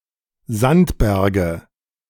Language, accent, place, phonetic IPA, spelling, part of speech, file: German, Germany, Berlin, [ˈzantˌbɛʁɡə], Sandberge, noun, De-Sandberge.ogg
- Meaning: nominative/accusative/genitive plural of Sandberg